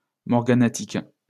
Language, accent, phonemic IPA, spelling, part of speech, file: French, France, /mɔʁ.ɡa.na.tik/, morganatique, adjective, LL-Q150 (fra)-morganatique.wav
- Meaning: morganatic